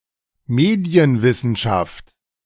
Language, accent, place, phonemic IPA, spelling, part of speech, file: German, Germany, Berlin, /ˈmeːdi̯ənˈvɪsn̩ʃaft/, Medienwissenschaft, noun, De-Medienwissenschaft.ogg
- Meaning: media studies